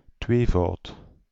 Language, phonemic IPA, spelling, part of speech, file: Dutch, /ˈtwevɑut/, tweevoud, noun / adjective, Nl-tweevoud.ogg
- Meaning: 1. double, twofold 2. dual (number)